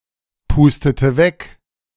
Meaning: inflection of wegpusten: 1. first/third-person singular preterite 2. first/third-person singular subjunctive II
- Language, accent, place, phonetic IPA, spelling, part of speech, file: German, Germany, Berlin, [ˌpuːstətə ˈvɛk], pustete weg, verb, De-pustete weg.ogg